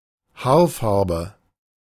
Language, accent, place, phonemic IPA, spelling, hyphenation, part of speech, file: German, Germany, Berlin, /ˈhaːrˌfarbə/, Haarfarbe, Haar‧far‧be, noun, De-Haarfarbe.ogg
- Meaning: hair color